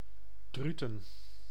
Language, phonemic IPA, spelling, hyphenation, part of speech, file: Dutch, /ˈdry.tə(n)/, Druten, Dru‧ten, proper noun, Nl-Druten.ogg
- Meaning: Druten (a village and municipality of Gelderland, Netherlands)